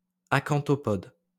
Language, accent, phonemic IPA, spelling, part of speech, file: French, France, /a.kɑ̃.tɔ.pɔd/, acanthopode, adjective, LL-Q150 (fra)-acanthopode.wav
- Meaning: acanthopodous